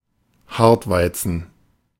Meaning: durum wheat
- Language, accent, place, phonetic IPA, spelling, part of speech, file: German, Germany, Berlin, [ˈhaʁtˌvaɪ̯t͡sn̩], Hartweizen, noun, De-Hartweizen.ogg